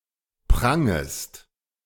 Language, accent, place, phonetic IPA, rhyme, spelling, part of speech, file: German, Germany, Berlin, [ˈpʁaŋəst], -aŋəst, prangest, verb, De-prangest.ogg
- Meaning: second-person singular subjunctive I of prangen